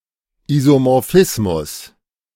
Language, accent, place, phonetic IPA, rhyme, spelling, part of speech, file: German, Germany, Berlin, [izomɔʁˈfɪsmʊs], -ɪsmʊs, Isomorphismus, noun, De-Isomorphismus.ogg
- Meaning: isomorphism (bidirectionally structure-preserving mapping)